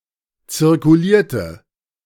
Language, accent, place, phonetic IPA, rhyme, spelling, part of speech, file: German, Germany, Berlin, [t͡sɪʁkuˈliːɐ̯tə], -iːɐ̯tə, zirkulierte, verb, De-zirkulierte.ogg
- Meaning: inflection of zirkulieren: 1. first/third-person singular preterite 2. first/third-person singular subjunctive II